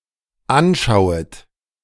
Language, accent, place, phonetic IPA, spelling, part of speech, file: German, Germany, Berlin, [ˈanˌʃaʊ̯ət], anschauet, verb, De-anschauet.ogg
- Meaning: second-person plural dependent subjunctive I of anschauen